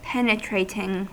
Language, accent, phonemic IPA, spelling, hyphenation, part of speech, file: English, US, /ˈpɛnɪtɹeɪtɪŋ/, penetrating, pen‧e‧trat‧ing, adjective / verb, En-us-penetrating.ogg
- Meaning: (adjective) 1. Able to pierce or penetrate 2. Looking deeply into; piercing 3. Demonstrating acute or keen understanding; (verb) present participle and gerund of penetrate